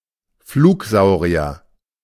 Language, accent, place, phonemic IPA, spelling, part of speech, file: German, Germany, Berlin, /ˈfluːkˌzaʊ̯ʁi̯ɐ/, Flugsaurier, noun, De-Flugsaurier.ogg
- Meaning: pterosaur